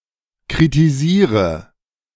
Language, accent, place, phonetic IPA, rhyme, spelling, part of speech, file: German, Germany, Berlin, [kʁitiˈziːʁə], -iːʁə, kritisiere, verb, De-kritisiere.ogg
- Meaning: inflection of kritisieren: 1. first-person singular present 2. singular imperative 3. first/third-person singular subjunctive I